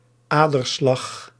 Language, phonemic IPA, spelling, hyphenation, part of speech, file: Dutch, /ˈaː.dərˌslɑx/, aderslag, ader‧slag, noun, Nl-aderslag.ogg
- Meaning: pulse, especially when observed at an artery